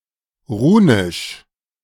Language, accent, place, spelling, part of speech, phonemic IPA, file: German, Germany, Berlin, runisch, adjective, /ˈʁuːnɪʃ/, De-runisch.ogg
- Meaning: runic